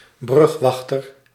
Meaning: bridge keeper, bridgetender, bridge operator
- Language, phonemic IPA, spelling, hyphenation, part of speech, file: Dutch, /ˈbrʏxˌʋɑx.tər/, brugwachter, brug‧wach‧ter, noun, Nl-brugwachter.ogg